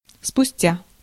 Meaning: after, later
- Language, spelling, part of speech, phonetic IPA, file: Russian, спустя, preposition, [spʊˈsʲtʲa], Ru-спустя.ogg